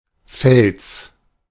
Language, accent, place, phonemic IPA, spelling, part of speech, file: German, Germany, Berlin, /fɛls/, Fels, noun, De-Fels.ogg
- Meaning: rock